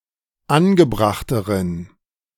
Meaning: inflection of angebracht: 1. strong genitive masculine/neuter singular comparative degree 2. weak/mixed genitive/dative all-gender singular comparative degree
- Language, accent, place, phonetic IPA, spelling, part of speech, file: German, Germany, Berlin, [ˈanɡəˌbʁaxtəʁən], angebrachteren, adjective, De-angebrachteren.ogg